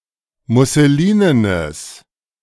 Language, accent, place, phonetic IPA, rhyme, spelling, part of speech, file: German, Germany, Berlin, [mʊsəˈliːnənəs], -iːnənəs, musselinenes, adjective, De-musselinenes.ogg
- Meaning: strong/mixed nominative/accusative neuter singular of musselinen